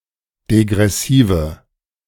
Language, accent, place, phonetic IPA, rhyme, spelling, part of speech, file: German, Germany, Berlin, [deɡʁɛˈsiːvə], -iːvə, degressive, adjective, De-degressive.ogg
- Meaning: inflection of degressiv: 1. strong/mixed nominative/accusative feminine singular 2. strong nominative/accusative plural 3. weak nominative all-gender singular